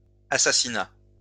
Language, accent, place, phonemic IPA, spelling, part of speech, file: French, France, Lyon, /a.sa.si.na/, assassinats, noun, LL-Q150 (fra)-assassinats.wav
- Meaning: plural of assassinat